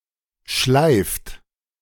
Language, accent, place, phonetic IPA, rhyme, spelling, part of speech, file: German, Germany, Berlin, [ʃlaɪ̯ft], -aɪ̯ft, schleift, verb, De-schleift.ogg
- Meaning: inflection of schleifen: 1. third-person singular present 2. second-person plural present 3. plural imperative